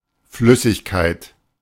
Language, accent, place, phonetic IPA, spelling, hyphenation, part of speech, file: German, Germany, Berlin, [ˈflʏ.sɪçˌkaɪ̯t], Flüssigkeit, Flüs‧sig‧keit, noun, De-Flüssigkeit.ogg
- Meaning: liquid